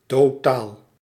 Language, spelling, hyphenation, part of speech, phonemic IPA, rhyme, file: Dutch, totaal, to‧taal, adverb / adjective / noun, /toːˈtaːl/, -aːl, Nl-totaal.ogg
- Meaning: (adverb) totally; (adjective) total; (noun) total, sum